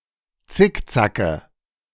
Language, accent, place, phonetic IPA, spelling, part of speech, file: German, Germany, Berlin, [ˈt͡sɪkˌt͡sakə], Zickzacke, noun, De-Zickzacke.ogg
- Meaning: nominative/accusative/genitive plural of Zickzack